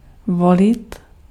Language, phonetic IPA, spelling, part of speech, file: Czech, [ˈvolɪt], volit, verb, Cs-volit.ogg
- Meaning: 1. to choose 2. to elect